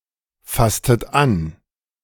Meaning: inflection of anfassen: 1. second-person plural preterite 2. second-person plural subjunctive II
- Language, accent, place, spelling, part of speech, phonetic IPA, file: German, Germany, Berlin, fasstet an, verb, [ˌfastət ˈan], De-fasstet an.ogg